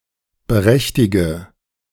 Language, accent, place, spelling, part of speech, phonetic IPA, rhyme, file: German, Germany, Berlin, berechtige, verb, [bəˈʁɛçtɪɡə], -ɛçtɪɡə, De-berechtige.ogg
- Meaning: inflection of berechtigen: 1. first-person singular present 2. singular imperative 3. first/third-person singular subjunctive I